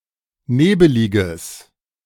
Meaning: strong/mixed nominative/accusative neuter singular of nebelig
- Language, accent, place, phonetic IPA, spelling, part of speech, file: German, Germany, Berlin, [ˈneːbəlɪɡəs], nebeliges, adjective, De-nebeliges.ogg